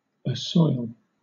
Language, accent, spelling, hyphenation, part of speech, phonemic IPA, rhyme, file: English, Southern England, assoil, as‧soil, verb, /əˈsɔɪl/, -ɔɪl, LL-Q1860 (eng)-assoil.wav
- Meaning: 1. To absolve or release (someone) from blame or sin; to forgive, to pardon 2. To atone or expiate for (something)